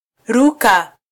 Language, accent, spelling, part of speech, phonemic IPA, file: Swahili, Kenya, ruka, verb, /ˈɾu.kɑ/, Sw-ke-ruka.flac
- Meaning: 1. to jump 2. to fly 3. to transgress 4. to denounce, refuse, decline, deny 5. to shrink clothes